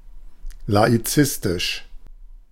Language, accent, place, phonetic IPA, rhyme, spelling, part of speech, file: German, Germany, Berlin, [laiˈt͡sɪstɪʃ], -ɪstɪʃ, laizistisch, adjective, De-laizistisch.ogg
- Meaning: laicistic